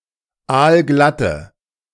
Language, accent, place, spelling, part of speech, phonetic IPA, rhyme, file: German, Germany, Berlin, aalglatte, adjective, [ˈaːlˈɡlatə], -atə, De-aalglatte.ogg
- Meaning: inflection of aalglatt: 1. strong/mixed nominative/accusative feminine singular 2. strong nominative/accusative plural 3. weak nominative all-gender singular